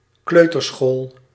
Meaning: nursery school (UK) or kindergarten (USA); usually for children aged 3 to 6
- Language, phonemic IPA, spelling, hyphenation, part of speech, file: Dutch, /ˈkløː.tərˌsxoːl/, kleuterschool, kleu‧ter‧school, noun, Nl-kleuterschool.ogg